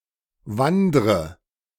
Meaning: inflection of wandern: 1. first-person singular present 2. first/third-person singular subjunctive I 3. singular imperative
- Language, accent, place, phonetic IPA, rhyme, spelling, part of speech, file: German, Germany, Berlin, [ˈvandʁə], -andʁə, wandre, verb, De-wandre.ogg